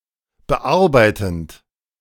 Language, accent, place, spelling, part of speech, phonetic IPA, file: German, Germany, Berlin, bearbeitend, verb, [bəˈʔaʁbaɪ̯tn̩t], De-bearbeitend.ogg
- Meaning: present participle of bearbeiten